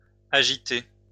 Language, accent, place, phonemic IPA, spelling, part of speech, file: French, France, Lyon, /a.ʒi.te/, agitée, verb, LL-Q150 (fra)-agitée.wav
- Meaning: feminine singular of agité